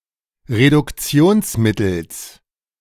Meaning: genitive singular of Reduktionsmittel
- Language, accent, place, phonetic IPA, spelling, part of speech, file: German, Germany, Berlin, [ʁedʊkˈt͡si̯oːnsˌmɪtl̩s], Reduktionsmittels, noun, De-Reduktionsmittels.ogg